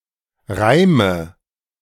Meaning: inflection of reimen: 1. first-person singular present 2. first/third-person singular subjunctive I 3. singular imperative
- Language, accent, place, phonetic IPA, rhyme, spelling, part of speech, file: German, Germany, Berlin, [ˈʁaɪ̯mə], -aɪ̯mə, reime, verb, De-reime.ogg